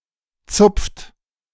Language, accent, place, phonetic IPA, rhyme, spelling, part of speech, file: German, Germany, Berlin, [t͡sʊp͡ft], -ʊp͡ft, zupft, verb, De-zupft.ogg
- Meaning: inflection of zupfen: 1. second-person plural present 2. third-person singular present 3. plural imperative